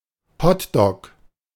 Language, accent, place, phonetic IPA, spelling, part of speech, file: German, Germany, Berlin, [ˈhɔtdɔk], Hot Dog, noun, De-Hot Dog.ogg
- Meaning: alternative form of Hotdog